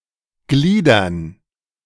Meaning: 1. to structure, to organize, to divide 2. to divide
- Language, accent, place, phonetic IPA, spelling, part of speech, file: German, Germany, Berlin, [ˈɡliːdɐn], gliedern, verb, De-gliedern.ogg